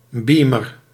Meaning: a video projector
- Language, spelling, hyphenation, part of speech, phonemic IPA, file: Dutch, beamer, bea‧mer, noun, /ˈbiː.mər/, Nl-beamer.ogg